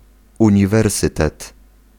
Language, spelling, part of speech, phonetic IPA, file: Polish, uniwersytet, noun, [ˌũɲiˈvɛrsɨtɛt], Pl-uniwersytet.ogg